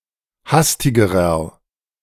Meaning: inflection of hastig: 1. strong/mixed nominative masculine singular comparative degree 2. strong genitive/dative feminine singular comparative degree 3. strong genitive plural comparative degree
- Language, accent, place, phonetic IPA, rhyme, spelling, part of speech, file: German, Germany, Berlin, [ˈhastɪɡəʁɐ], -astɪɡəʁɐ, hastigerer, adjective, De-hastigerer.ogg